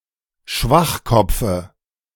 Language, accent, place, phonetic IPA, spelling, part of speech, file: German, Germany, Berlin, [ˈʃvaxˌkɔp͡fə], Schwachkopfe, noun, De-Schwachkopfe.ogg
- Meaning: dative of Schwachkopf